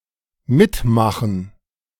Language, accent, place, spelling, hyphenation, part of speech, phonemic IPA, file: German, Germany, Berlin, mitmachen, mit‧ma‧chen, verb, /ˈmɪtˌmaχən/, De-mitmachen.ogg
- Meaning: 1. to take part, to participate, to join in 2. to experience, to endure, to go through 3. to function, to work